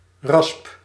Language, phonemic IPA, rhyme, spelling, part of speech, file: Dutch, /rɑsp/, -ɑsp, rasp, noun / verb, Nl-rasp.ogg
- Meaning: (noun) 1. grater, for example for cheese 2. surform tool 3. grating (loose material that comes from something being grated), (particularly) zest